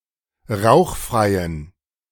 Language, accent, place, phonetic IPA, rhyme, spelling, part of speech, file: German, Germany, Berlin, [ˈʁaʊ̯xˌfʁaɪ̯ən], -aʊ̯xfʁaɪ̯ən, rauchfreien, adjective, De-rauchfreien.ogg
- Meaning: inflection of rauchfrei: 1. strong genitive masculine/neuter singular 2. weak/mixed genitive/dative all-gender singular 3. strong/weak/mixed accusative masculine singular 4. strong dative plural